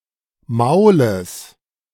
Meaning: genitive singular of Maul
- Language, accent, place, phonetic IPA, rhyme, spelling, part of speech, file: German, Germany, Berlin, [ˈmaʊ̯ləs], -aʊ̯ləs, Maules, noun, De-Maules.ogg